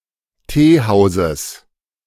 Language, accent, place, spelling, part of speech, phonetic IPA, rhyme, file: German, Germany, Berlin, Teehauses, noun, [ˈteːˌhaʊ̯zəs], -eːhaʊ̯zəs, De-Teehauses.ogg
- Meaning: genitive singular of Teehaus